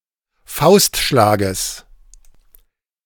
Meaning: genitive singular of Faustschlag
- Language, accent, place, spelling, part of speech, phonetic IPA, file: German, Germany, Berlin, Faustschlages, noun, [ˈfaʊ̯stˌʃlaːɡəs], De-Faustschlages.ogg